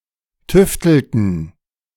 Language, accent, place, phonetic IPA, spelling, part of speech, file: German, Germany, Berlin, [ˈtʏftl̩tn̩], tüftelten, verb, De-tüftelten.ogg
- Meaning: inflection of tüfteln: 1. first/third-person plural preterite 2. first/third-person plural subjunctive II